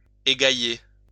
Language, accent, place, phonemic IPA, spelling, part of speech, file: French, France, Lyon, /e.ɡa.je/, égailler, verb, LL-Q150 (fra)-égailler.wav
- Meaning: to disperse, scatter